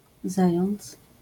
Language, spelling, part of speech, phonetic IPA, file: Polish, zając, noun, [ˈzajɔ̃nt͡s], LL-Q809 (pol)-zając.wav